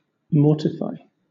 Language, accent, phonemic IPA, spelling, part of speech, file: English, Southern England, /ˈmɔːtɪfaɪ/, mortify, verb, LL-Q1860 (eng)-mortify.wav
- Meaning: 1. To discipline (one's body, appetites etc.) by suppressing desires; to practise abstinence on 2. To injure the dignity of; to embarrass; to humiliate 3. To kill